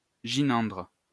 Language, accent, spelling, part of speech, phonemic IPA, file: French, France, gynandre, adjective, /ʒi.nɑ̃dʁ/, LL-Q150 (fra)-gynandre.wav
- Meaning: gynandrous